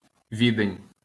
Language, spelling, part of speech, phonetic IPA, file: Ukrainian, Відень, proper noun, [ˈʋʲidenʲ], LL-Q8798 (ukr)-Відень.wav
- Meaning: Vienna (the capital city of Austria)